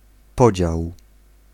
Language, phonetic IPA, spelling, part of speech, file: Polish, [ˈpɔd͡ʑaw], podział, noun / verb, Pl-podział.ogg